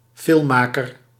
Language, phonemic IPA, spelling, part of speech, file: Dutch, /ˈfɪlᵊˌmakər/, filmmaker, noun, Nl-filmmaker.ogg
- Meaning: filmmaker